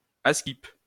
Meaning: apparently, appaz, they say (that), rumour has it (that)
- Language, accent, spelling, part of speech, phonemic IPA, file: French, France, askip, adverb, /as.kip/, LL-Q150 (fra)-askip.wav